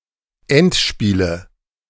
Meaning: nominative/accusative/genitive plural of Endspiel
- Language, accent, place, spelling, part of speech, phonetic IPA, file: German, Germany, Berlin, Endspiele, noun, [ˈɛntˌʃpiːlə], De-Endspiele.ogg